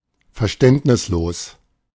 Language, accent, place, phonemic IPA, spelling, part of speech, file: German, Germany, Berlin, /fɛɐ̯ˈʃtɛntnɪsˌloːs/, verständnislos, adjective, De-verständnislos.ogg
- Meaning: uncomprehending